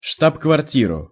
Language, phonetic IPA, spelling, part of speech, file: Russian, [ʂtap kvɐrˈtʲirʊ], штаб-квартиру, noun, Ru-штаб-квартиру.ogg
- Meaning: accusative singular of штаб-кварти́ра (štab-kvartíra)